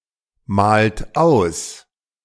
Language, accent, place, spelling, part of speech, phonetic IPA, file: German, Germany, Berlin, malt aus, verb, [ˌmaːlt ˈaʊ̯s], De-malt aus.ogg
- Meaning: inflection of ausmalen: 1. second-person plural present 2. third-person singular present 3. plural imperative